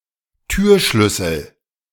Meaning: door key
- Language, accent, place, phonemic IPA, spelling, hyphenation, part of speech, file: German, Germany, Berlin, /ˈtyːɐ̯ˌʃlʏsl̩/, Türschlüssel, Tür‧schlüs‧sel, noun, De-Türschlüssel.ogg